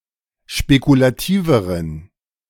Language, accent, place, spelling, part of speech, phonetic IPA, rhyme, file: German, Germany, Berlin, spekulativeren, adjective, [ʃpekulaˈtiːvəʁən], -iːvəʁən, De-spekulativeren.ogg
- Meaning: inflection of spekulativ: 1. strong genitive masculine/neuter singular comparative degree 2. weak/mixed genitive/dative all-gender singular comparative degree